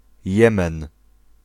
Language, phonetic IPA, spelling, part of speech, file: Polish, [ˈjɛ̃mɛ̃n], Jemen, proper noun, Pl-Jemen.ogg